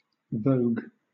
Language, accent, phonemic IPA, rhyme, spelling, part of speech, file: English, Southern England, /vəʊɡ/, -əʊɡ, vogue, noun / verb, LL-Q1860 (eng)-vogue.wav
- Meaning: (noun) 1. The prevailing fashion or style 2. Popularity or a current craze 3. A highly stylized modern dance that evolved out of the Harlem ballroom scene in the 1960s 4. A cigarette